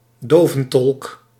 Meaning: a sign language interpreter
- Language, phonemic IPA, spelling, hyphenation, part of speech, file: Dutch, /ˈdoː.və(n)ˌtɔlk/, doventolk, do‧ven‧tolk, noun, Nl-doventolk.ogg